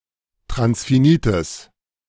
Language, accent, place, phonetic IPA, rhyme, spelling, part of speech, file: German, Germany, Berlin, [tʁansfiˈniːtəs], -iːtəs, transfinites, adjective, De-transfinites.ogg
- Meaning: strong/mixed nominative/accusative neuter singular of transfinit